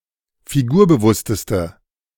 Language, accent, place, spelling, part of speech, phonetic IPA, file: German, Germany, Berlin, figurbewussteste, adjective, [fiˈɡuːɐ̯bəˌvʊstəstə], De-figurbewussteste.ogg
- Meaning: inflection of figurbewusst: 1. strong/mixed nominative/accusative feminine singular superlative degree 2. strong nominative/accusative plural superlative degree